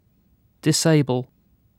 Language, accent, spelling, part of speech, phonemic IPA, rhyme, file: English, UK, disable, verb / adjective, /dɪsˈeɪbəl/, -eɪbəl, En-uk-disable.ogg
- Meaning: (verb) 1. To render unable; to take away an ability of, as by crippling 2. To impair the physical or mental abilities of; to cause a serious, permanent injury